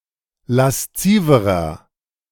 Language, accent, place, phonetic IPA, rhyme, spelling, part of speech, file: German, Germany, Berlin, [lasˈt͡siːvəʁɐ], -iːvəʁɐ, lasziverer, adjective, De-lasziverer.ogg
- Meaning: inflection of lasziv: 1. strong/mixed nominative masculine singular comparative degree 2. strong genitive/dative feminine singular comparative degree 3. strong genitive plural comparative degree